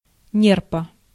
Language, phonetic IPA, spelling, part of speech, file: Russian, [ˈnʲerpə], нерпа, noun, Ru-нерпа.ogg
- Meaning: seal of the genus Pusa